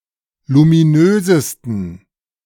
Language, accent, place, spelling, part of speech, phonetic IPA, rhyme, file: German, Germany, Berlin, luminösesten, adjective, [lumiˈnøːzəstn̩], -øːzəstn̩, De-luminösesten.ogg
- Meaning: 1. superlative degree of luminös 2. inflection of luminös: strong genitive masculine/neuter singular superlative degree